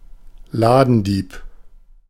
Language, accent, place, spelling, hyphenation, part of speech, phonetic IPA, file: German, Germany, Berlin, Ladendieb, La‧den‧dieb, noun, [ˈlaːdn̩ˌdiːp], De-Ladendieb.ogg
- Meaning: shoplifter (male or of unspecified gender)